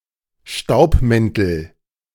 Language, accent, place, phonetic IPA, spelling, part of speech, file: German, Germany, Berlin, [ˈʃtaʊ̯pˌmɛntl̩], Staubmäntel, noun, De-Staubmäntel.ogg
- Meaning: nominative/accusative/genitive plural of Staubmantel